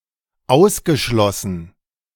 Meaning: past participle of ausschließen
- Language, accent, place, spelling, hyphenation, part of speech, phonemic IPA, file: German, Germany, Berlin, ausgeschlossen, aus‧ge‧schlos‧sen, verb, /ˈaʊ̯sɡəˌʃlɔsən/, De-ausgeschlossen.ogg